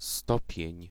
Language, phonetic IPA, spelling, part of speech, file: Polish, [ˈstɔpʲjɛ̇̃ɲ], stopień, noun, Pl-stopień.ogg